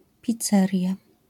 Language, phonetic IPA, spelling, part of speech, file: Polish, [pʲit͡sˈːɛrʲja], pizzeria, noun, LL-Q809 (pol)-pizzeria.wav